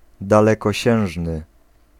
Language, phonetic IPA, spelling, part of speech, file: Polish, [ˌdalɛkɔˈɕɛ̃w̃ʒnɨ], dalekosiężny, adjective, Pl-dalekosiężny.ogg